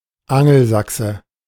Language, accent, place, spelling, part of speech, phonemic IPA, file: German, Germany, Berlin, Angelsachse, noun, /ˈaŋl̩ˌzaksə/, De-Angelsachse.ogg
- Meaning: Anglo-Saxon (male or unspecified sex) (member of the Anglo-Saxon tribal group)